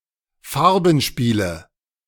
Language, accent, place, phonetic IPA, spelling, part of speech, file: German, Germany, Berlin, [ˈfaʁbn̩ˌʃpiːlə], Farbenspiele, noun, De-Farbenspiele.ogg
- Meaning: nominative/accusative/genitive plural of Farbenspiel